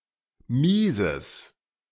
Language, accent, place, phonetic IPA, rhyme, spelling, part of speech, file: German, Germany, Berlin, [ˈmiːzəs], -iːzəs, mieses, adjective, De-mieses.ogg
- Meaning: strong/mixed nominative/accusative neuter singular of mies